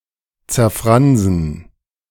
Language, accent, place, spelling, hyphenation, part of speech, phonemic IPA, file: German, Germany, Berlin, zerfransen, zer‧fran‧sen, verb, /t͡sɛɐ̯ˈfʁanzn̩/, De-zerfransen.ogg
- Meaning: to fray out